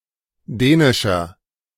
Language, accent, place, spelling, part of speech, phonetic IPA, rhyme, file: German, Germany, Berlin, dänischer, adjective, [ˈdɛːnɪʃɐ], -ɛːnɪʃɐ, De-dänischer.ogg
- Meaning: 1. comparative degree of dänisch 2. inflection of dänisch: strong/mixed nominative masculine singular 3. inflection of dänisch: strong genitive/dative feminine singular